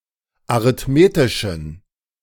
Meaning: inflection of arithmetisch: 1. strong genitive masculine/neuter singular 2. weak/mixed genitive/dative all-gender singular 3. strong/weak/mixed accusative masculine singular 4. strong dative plural
- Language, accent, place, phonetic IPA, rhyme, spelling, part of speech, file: German, Germany, Berlin, [aʁɪtˈmeːtɪʃn̩], -eːtɪʃn̩, arithmetischen, adjective, De-arithmetischen.ogg